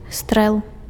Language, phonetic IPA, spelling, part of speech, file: Belarusian, [strɛɫ], стрэл, noun, Be-стрэл.ogg
- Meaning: shot (result of shooting a projectile)